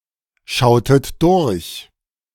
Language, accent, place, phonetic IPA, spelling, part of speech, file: German, Germany, Berlin, [ˌʃaʊ̯tət ˈdʊʁç], schautet durch, verb, De-schautet durch.ogg
- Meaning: inflection of durchschauen: 1. second-person plural preterite 2. second-person plural subjunctive II